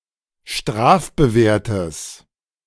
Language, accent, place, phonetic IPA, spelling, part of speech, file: German, Germany, Berlin, [ˈʃtʁaːfbəˌveːɐ̯təs], strafbewehrtes, adjective, De-strafbewehrtes.ogg
- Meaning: strong/mixed nominative/accusative neuter singular of strafbewehrt